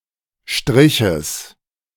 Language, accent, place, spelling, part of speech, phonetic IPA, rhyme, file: German, Germany, Berlin, Striches, noun, [ˈʃtʁɪçəs], -ɪçəs, De-Striches.ogg
- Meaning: genitive singular of Strich